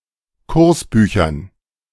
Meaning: dative plural of Kursbuch
- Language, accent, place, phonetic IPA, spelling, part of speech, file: German, Germany, Berlin, [ˈkʊʁsˌbyːçɐn], Kursbüchern, noun, De-Kursbüchern.ogg